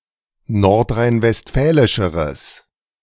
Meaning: strong/mixed nominative/accusative neuter singular comparative degree of nordrhein-westfälisch
- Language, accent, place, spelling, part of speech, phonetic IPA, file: German, Germany, Berlin, nordrhein-westfälischeres, adjective, [ˌnɔʁtʁaɪ̯nvɛstˈfɛːlɪʃəʁəs], De-nordrhein-westfälischeres.ogg